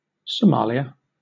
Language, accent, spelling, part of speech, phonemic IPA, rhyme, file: English, Southern England, Somalia, proper noun, /səˈmɑːli.ə/, -ɑːliə, LL-Q1860 (eng)-Somalia.wav
- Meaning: A country in East Africa, in the Horn of Africa. Official name: Federal Republic of Somalia. Capital and largest city: Mogadishu